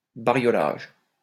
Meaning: a strange medley of colours
- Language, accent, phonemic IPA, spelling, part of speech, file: French, France, /ba.ʁjɔ.laʒ/, bariolage, noun, LL-Q150 (fra)-bariolage.wav